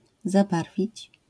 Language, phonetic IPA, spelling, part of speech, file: Polish, [zaˈbarvʲit͡ɕ], zabarwić, verb, LL-Q809 (pol)-zabarwić.wav